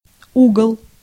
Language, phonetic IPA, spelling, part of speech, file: Russian, [ˈuɡəɫ], угол, noun, Ru-угол.ogg
- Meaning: 1. corner 2. angle 3. dwelling, quarters